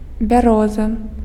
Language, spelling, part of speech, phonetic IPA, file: Belarusian, бяроза, noun, [bʲaˈroza], Be-бяроза.ogg
- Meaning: birch